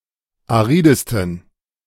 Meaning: 1. superlative degree of arid 2. inflection of arid: strong genitive masculine/neuter singular superlative degree
- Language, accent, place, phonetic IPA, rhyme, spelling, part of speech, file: German, Germany, Berlin, [aˈʁiːdəstn̩], -iːdəstn̩, aridesten, adjective, De-aridesten.ogg